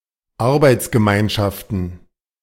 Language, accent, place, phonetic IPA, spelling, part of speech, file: German, Germany, Berlin, [ˈaʁbaɪ̯t͡sɡəˌmaɪ̯nʃaftn̩], Arbeitsgemeinschaften, noun, De-Arbeitsgemeinschaften.ogg
- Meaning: plural of Arbeitsgemeinschaft